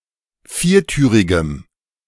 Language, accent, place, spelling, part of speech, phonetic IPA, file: German, Germany, Berlin, viertürigem, adjective, [ˈfiːɐ̯ˌtyːʁɪɡəm], De-viertürigem.ogg
- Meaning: strong dative masculine/neuter singular of viertürig